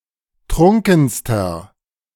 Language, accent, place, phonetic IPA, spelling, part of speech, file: German, Germany, Berlin, [ˈtʁʊŋkn̩stɐ], trunkenster, adjective, De-trunkenster.ogg
- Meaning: inflection of trunken: 1. strong/mixed nominative masculine singular superlative degree 2. strong genitive/dative feminine singular superlative degree 3. strong genitive plural superlative degree